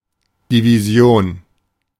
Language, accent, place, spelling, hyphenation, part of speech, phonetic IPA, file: German, Germany, Berlin, Division, Di‧vi‧si‧on, noun, [diviˈzi̯oːn], De-Division.ogg
- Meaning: 1. division (arithmetic: process of dividing a number by another) 2. division (military formation)